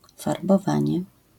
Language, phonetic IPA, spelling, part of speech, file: Polish, [ˌfarbɔˈvãɲɛ], farbowanie, noun, LL-Q809 (pol)-farbowanie.wav